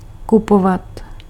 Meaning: to buy something
- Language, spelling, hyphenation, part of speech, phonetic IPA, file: Czech, kupovat, ku‧po‧vat, verb, [ˈkupovat], Cs-kupovat.ogg